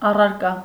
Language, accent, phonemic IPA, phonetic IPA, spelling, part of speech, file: Armenian, Eastern Armenian, /ɑrɑɾˈkɑ/, [ɑrɑɾkɑ́], առարկա, noun, Hy-առարկա.ogg
- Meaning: 1. object; thing 2. subject